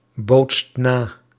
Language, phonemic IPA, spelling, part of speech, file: Dutch, /ˈbotst ˈna/, bootst na, verb, Nl-bootst na.ogg
- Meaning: inflection of nabootsen: 1. second/third-person singular present indicative 2. plural imperative